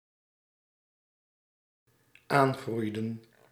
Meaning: inflection of aangroeien: 1. plural dependent-clause past indicative 2. plural dependent-clause past subjunctive
- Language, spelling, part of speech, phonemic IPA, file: Dutch, aangroeiden, verb, /ˈaŋɣrʏjdə(n)/, Nl-aangroeiden.ogg